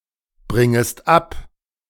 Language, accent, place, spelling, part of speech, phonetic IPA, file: German, Germany, Berlin, bringest ab, verb, [ˌbʁɪŋəst ˈap], De-bringest ab.ogg
- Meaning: second-person singular subjunctive I of abbringen